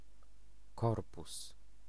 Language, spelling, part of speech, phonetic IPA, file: Polish, korpus, noun, [ˈkɔrpus], Pl-korpus.ogg